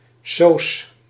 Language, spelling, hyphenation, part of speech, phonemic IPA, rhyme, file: Dutch, soos, soos, noun, /soːs/, -oːs, Nl-soos.ogg
- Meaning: club, society